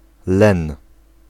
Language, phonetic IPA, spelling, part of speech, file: Polish, [lɛ̃n], len, noun, Pl-len.ogg